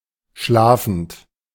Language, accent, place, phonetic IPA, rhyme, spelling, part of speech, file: German, Germany, Berlin, [ˈʃlaːfn̩t], -aːfn̩t, schlafend, adjective / verb, De-schlafend.ogg
- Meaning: present participle of schlafen